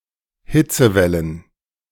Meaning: plural of Hitzewelle
- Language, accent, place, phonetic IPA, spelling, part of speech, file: German, Germany, Berlin, [ˈhɪt͡səˌvɛlən], Hitzewellen, noun, De-Hitzewellen.ogg